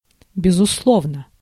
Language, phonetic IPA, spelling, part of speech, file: Russian, [bʲɪzʊsˈɫovnə], безусловно, adverb / adjective, Ru-безусловно.ogg
- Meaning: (adverb) 1. certainly, undoubtedly, absolutely 2. there is no doubt that...; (adjective) short neuter singular of безусло́вный (bezuslóvnyj)